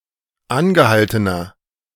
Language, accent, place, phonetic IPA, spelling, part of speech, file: German, Germany, Berlin, [ˈanɡəˌhaltənɐ], angehaltener, adjective, De-angehaltener.ogg
- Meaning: inflection of angehalten: 1. strong/mixed nominative masculine singular 2. strong genitive/dative feminine singular 3. strong genitive plural